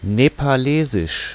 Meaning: of Nepal; Nepalese
- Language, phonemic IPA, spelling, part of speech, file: German, /nepaˈleːzɪʃ/, nepalesisch, adjective, De-Nepalesisch.ogg